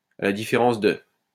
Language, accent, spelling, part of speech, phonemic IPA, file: French, France, à la différence de, conjunction, /a la di.fe.ʁɑ̃s də/, LL-Q150 (fra)-à la différence de.wav
- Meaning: as opposed to, unlike